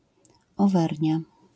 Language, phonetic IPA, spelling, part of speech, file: Polish, [ɔˈvɛrʲɲja], Owernia, proper noun, LL-Q809 (pol)-Owernia.wav